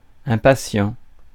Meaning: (adjective) impatient; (noun) impatient person
- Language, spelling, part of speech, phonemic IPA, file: French, impatient, adjective / noun, /ɛ̃.pa.sjɑ̃/, Fr-impatient.ogg